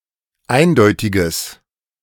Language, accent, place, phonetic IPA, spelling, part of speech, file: German, Germany, Berlin, [ˈaɪ̯nˌdɔɪ̯tɪɡəs], eindeutiges, adjective, De-eindeutiges.ogg
- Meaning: strong/mixed nominative/accusative neuter singular of eindeutig